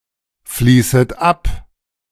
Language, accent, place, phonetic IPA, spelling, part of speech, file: German, Germany, Berlin, [ˌfliːsət ˈap], fließet ab, verb, De-fließet ab.ogg
- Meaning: second-person plural subjunctive I of abfließen